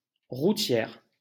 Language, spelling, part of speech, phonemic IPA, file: French, routière, adjective, /ʁu.tjɛʁ/, LL-Q150 (fra)-routière.wav
- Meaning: feminine singular of routier